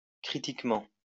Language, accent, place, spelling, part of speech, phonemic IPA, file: French, France, Lyon, critiquement, adverb, /kʁi.tik.mɑ̃/, LL-Q150 (fra)-critiquement.wav
- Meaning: 1. critically 2. judgementally